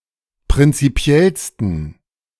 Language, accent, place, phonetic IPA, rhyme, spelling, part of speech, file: German, Germany, Berlin, [pʁɪnt͡siˈpi̯ɛlstn̩], -ɛlstn̩, prinzipiellsten, adjective, De-prinzipiellsten.ogg
- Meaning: 1. superlative degree of prinzipiell 2. inflection of prinzipiell: strong genitive masculine/neuter singular superlative degree